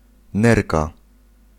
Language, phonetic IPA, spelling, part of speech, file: Polish, [ˈnɛrka], nerka, noun, Pl-nerka.ogg